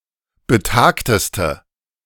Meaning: inflection of betagt: 1. strong/mixed nominative/accusative feminine singular superlative degree 2. strong nominative/accusative plural superlative degree
- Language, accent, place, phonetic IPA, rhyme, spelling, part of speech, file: German, Germany, Berlin, [bəˈtaːktəstə], -aːktəstə, betagteste, adjective, De-betagteste.ogg